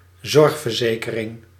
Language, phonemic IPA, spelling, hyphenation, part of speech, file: Dutch, /ˈzɔrx.vərˌzeː.kə.rɪŋ/, zorgverzekering, zorg‧ver‧ze‧ke‧ring, noun, Nl-zorgverzekering.ogg
- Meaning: a health insurance